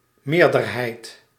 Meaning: majority
- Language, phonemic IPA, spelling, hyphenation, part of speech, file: Dutch, /ˈmeːr.dərˌɦɛi̯t/, meerderheid, meer‧der‧heid, noun, Nl-meerderheid.ogg